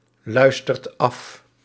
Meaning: inflection of afluisteren: 1. second/third-person singular present indicative 2. plural imperative
- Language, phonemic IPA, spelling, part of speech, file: Dutch, /ˈlœystərt ˈɑf/, luistert af, verb, Nl-luistert af.ogg